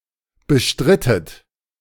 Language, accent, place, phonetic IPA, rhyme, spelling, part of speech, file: German, Germany, Berlin, [bəˈʃtʁɪtət], -ɪtət, bestrittet, verb, De-bestrittet.ogg
- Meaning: inflection of bestreiten: 1. second-person plural preterite 2. second-person plural subjunctive II